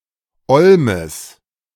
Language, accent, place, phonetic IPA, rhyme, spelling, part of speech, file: German, Germany, Berlin, [ˈɔlməs], -ɔlməs, Olmes, noun, De-Olmes.ogg
- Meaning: genitive singular of Olm